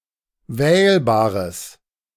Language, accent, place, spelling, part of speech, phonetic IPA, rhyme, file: German, Germany, Berlin, wählbares, adjective, [ˈvɛːlbaːʁəs], -ɛːlbaːʁəs, De-wählbares.ogg
- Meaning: strong/mixed nominative/accusative neuter singular of wählbar